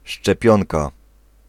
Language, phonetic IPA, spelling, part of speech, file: Polish, [ʃt͡ʃɛˈpʲjɔ̃nka], szczepionka, noun, Pl-szczepionka.ogg